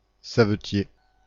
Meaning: cobbler (shoemaker)
- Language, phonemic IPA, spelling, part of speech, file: French, /sa.və.tje/, savetier, noun, Fr-savetier.ogg